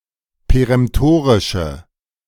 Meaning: inflection of peremtorisch: 1. strong/mixed nominative/accusative feminine singular 2. strong nominative/accusative plural 3. weak nominative all-gender singular
- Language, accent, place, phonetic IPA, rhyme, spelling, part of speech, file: German, Germany, Berlin, [peʁɛmˈtoːʁɪʃə], -oːʁɪʃə, peremtorische, adjective, De-peremtorische.ogg